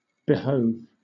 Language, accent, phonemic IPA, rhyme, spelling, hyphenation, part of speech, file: English, Southern England, /bɪˈhəʊv/, -əʊv, behove, be‧hove, verb, LL-Q1860 (eng)-behove.wav
- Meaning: 1. To befit, to suit 2. To be necessary for (someone) 3. To be in the best interest of; to benefit 4. To be needful, meet or becoming